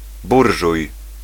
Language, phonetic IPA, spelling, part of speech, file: Polish, [ˈburʒuj], burżuj, noun, Pl-burżuj.ogg